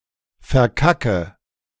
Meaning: inflection of verkacken: 1. first-person singular present 2. first/third-person singular subjunctive I 3. singular imperative
- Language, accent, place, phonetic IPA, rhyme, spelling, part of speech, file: German, Germany, Berlin, [fɛɐ̯ˈkakə], -akə, verkacke, verb, De-verkacke.ogg